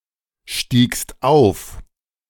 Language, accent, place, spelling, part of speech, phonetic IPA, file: German, Germany, Berlin, stiegst auf, verb, [ˌʃtiːkst ˈaʊ̯f], De-stiegst auf.ogg
- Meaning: second-person singular preterite of aufsteigen